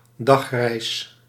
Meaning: 1. day trip 2. distance travelled in one day (often used as a crude unit of measure)
- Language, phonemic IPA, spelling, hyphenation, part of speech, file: Dutch, /ˈdɑx.rɛi̯s/, dagreis, dag‧reis, noun, Nl-dagreis.ogg